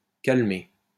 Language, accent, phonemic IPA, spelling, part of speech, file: French, France, /kal.me/, calmé, verb, LL-Q150 (fra)-calmé.wav
- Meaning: past participle of calmer